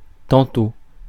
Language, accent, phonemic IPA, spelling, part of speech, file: French, France, /tɑ̃.to/, tantôt, adverb, Fr-tantôt.ogg
- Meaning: 1. soon, shortly (used with the present tense) 2. sometimes (when doubled or multipled, suggesting contrasting possibilities each as likely to happen or happening as frequently as the others)